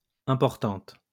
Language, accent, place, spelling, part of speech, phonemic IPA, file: French, France, Lyon, importantes, adjective, /ɛ̃.pɔʁ.tɑ̃t/, LL-Q150 (fra)-importantes.wav
- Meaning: feminine plural of important